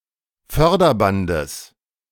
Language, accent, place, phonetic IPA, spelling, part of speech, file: German, Germany, Berlin, [ˈfœʁdɐˌbandəs], Förderbandes, noun, De-Förderbandes.ogg
- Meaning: genitive singular of Förderband